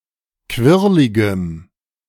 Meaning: strong dative masculine/neuter singular of quirlig
- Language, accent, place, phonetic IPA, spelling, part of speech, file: German, Germany, Berlin, [ˈkvɪʁlɪɡəm], quirligem, adjective, De-quirligem.ogg